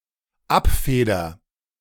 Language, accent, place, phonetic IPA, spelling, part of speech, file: German, Germany, Berlin, [ˈapˌfeːdɐ], abfeder, verb, De-abfeder.ogg
- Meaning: first-person singular dependent present of abfedern